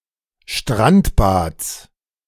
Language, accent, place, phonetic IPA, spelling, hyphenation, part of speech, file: German, Germany, Berlin, [ʃtʁantbats], Strandbads, Strand‧bads, noun, De-Strandbads.ogg
- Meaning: genitive singular of Strandbad